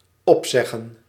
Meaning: 1. to terminate a contract 2. to recite something from memory
- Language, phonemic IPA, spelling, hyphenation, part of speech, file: Dutch, /ˈɔpsɛɣə(n)/, opzeggen, op‧zeg‧gen, verb, Nl-opzeggen.ogg